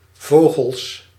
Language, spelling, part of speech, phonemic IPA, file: Dutch, vogels, noun, /ˈvoːɣəls/, Nl-vogels.ogg
- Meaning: plural of vogel